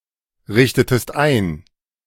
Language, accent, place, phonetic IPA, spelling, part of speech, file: German, Germany, Berlin, [ˌʁɪçtətəst ˈaɪ̯n], richtetest ein, verb, De-richtetest ein.ogg
- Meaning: inflection of einrichten: 1. second-person singular preterite 2. second-person singular subjunctive II